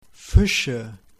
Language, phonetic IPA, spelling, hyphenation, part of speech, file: German, [ˈfɪʃə], Fische, Fi‧sche, proper noun / noun, De-Fische.OGG
- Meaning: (proper noun) Pisces; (noun) nominative/accusative/genitive plural of Fisch